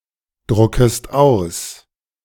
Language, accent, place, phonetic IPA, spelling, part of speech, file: German, Germany, Berlin, [ˌdʁʊkəst ˈaʊ̯s], druckest aus, verb, De-druckest aus.ogg
- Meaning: second-person singular subjunctive I of ausdrucken